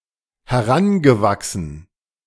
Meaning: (verb) past participle of heranwachsen; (adjective) grown, adult, grown-up, full-grown
- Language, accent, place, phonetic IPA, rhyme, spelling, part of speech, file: German, Germany, Berlin, [hɛˈʁanɡəˌvaksn̩], -anɡəvaksn̩, herangewachsen, verb, De-herangewachsen.ogg